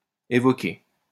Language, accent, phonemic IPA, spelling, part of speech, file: French, France, /e.vɔ.ke/, évoquer, verb, LL-Q150 (fra)-évoquer.wav
- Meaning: 1. to evoke (to cause the manifestation of something (emotion, picture, etc.) in someone's mind or imagination) 2. to mention